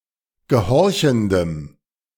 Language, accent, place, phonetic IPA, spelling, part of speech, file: German, Germany, Berlin, [ɡəˈhɔʁçn̩dəm], gehorchendem, adjective, De-gehorchendem.ogg
- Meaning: strong dative masculine/neuter singular of gehorchend